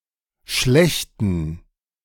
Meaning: inflection of schlecht: 1. strong genitive masculine/neuter singular 2. weak/mixed genitive/dative all-gender singular 3. strong/weak/mixed accusative masculine singular 4. strong dative plural
- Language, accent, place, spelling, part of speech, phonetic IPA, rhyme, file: German, Germany, Berlin, schlechten, adjective, [ˈʃlɛçtn̩], -ɛçtn̩, De-schlechten.ogg